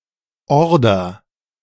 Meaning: 1. order, command 2. order (request for delivery, usually in bulk)
- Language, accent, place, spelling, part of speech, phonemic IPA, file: German, Germany, Berlin, Order, noun, /ˈɔrdər/, De-Order.ogg